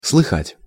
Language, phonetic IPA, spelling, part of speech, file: Russian, [sɫɨˈxatʲ], слыхать, verb, Ru-слыхать.ogg
- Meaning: to hear of, to hear from